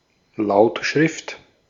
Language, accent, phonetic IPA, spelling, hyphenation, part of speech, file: German, Austria, [ˈlaʊ̯tʃʁɪft], Lautschrift, Laut‧schrift, noun, De-at-Lautschrift.ogg
- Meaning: phonetic alphabet, phonetic transcription